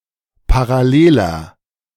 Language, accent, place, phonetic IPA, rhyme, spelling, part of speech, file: German, Germany, Berlin, [paʁaˈleːlɐ], -eːlɐ, paralleler, adjective, De-paralleler.ogg
- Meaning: inflection of parallel: 1. strong/mixed nominative masculine singular 2. strong genitive/dative feminine singular 3. strong genitive plural